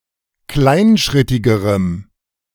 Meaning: strong dative masculine/neuter singular comparative degree of kleinschrittig
- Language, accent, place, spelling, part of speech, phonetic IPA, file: German, Germany, Berlin, kleinschrittigerem, adjective, [ˈklaɪ̯nˌʃʁɪtɪɡəʁəm], De-kleinschrittigerem.ogg